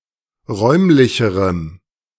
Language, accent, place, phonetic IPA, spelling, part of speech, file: German, Germany, Berlin, [ˈʁɔɪ̯mlɪçəʁəm], räumlicherem, adjective, De-räumlicherem.ogg
- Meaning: strong dative masculine/neuter singular comparative degree of räumlich